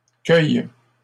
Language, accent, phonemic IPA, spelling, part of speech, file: French, Canada, /kœj/, cueille, verb, LL-Q150 (fra)-cueille.wav
- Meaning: inflection of cueillir: 1. first/third-person singular present indicative/subjunctive 2. second-person singular imperative